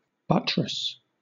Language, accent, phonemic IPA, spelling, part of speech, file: English, Southern England, /ˈbʌtɹəs/, buttress, noun / verb, LL-Q1860 (eng)-buttress.wav
- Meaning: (noun) 1. A brick, concrete or stone structure built against another structure to support it 2. Anything that serves to support something; a prop 3. A buttress root